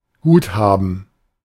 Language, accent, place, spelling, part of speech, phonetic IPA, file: German, Germany, Berlin, Guthaben, noun, [ˈɡuːtˌhaːbn̩], De-Guthaben.ogg
- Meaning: balance